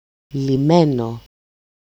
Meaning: 1. accusative masculine singular of λυμένος (lyménos) 2. nominative/accusative/vocative neuter singular of λυμένος (lyménos)
- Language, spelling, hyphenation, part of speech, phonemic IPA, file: Greek, λυμένο, λυ‧μέ‧νο, verb, /liˈme.no/, El-λυμένο.ogg